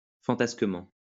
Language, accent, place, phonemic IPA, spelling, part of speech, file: French, France, Lyon, /fɑ̃.tas.kə.mɑ̃/, fantasquement, adverb, LL-Q150 (fra)-fantasquement.wav
- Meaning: 1. capriciously 2. fancifully